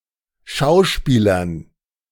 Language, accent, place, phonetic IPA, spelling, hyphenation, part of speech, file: German, Germany, Berlin, [ˈʃaʊ̯ˌʃpiːlɐn], schauspielern, schau‧spie‧lern, verb, De-schauspielern.ogg
- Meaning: 1. to work as an actor, to job as an actor 2. to feign, fake, pretend, playact, act